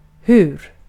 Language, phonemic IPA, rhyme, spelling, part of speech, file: Swedish, /hʉːr/, -ʉːr, hur, adverb, Sv-hur.ogg
- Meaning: how